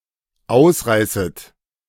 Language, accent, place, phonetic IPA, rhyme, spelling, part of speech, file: German, Germany, Berlin, [ˈaʊ̯sˌʁaɪ̯sət], -aʊ̯sʁaɪ̯sət, ausreißet, verb, De-ausreißet.ogg
- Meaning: second-person plural dependent subjunctive I of ausreißen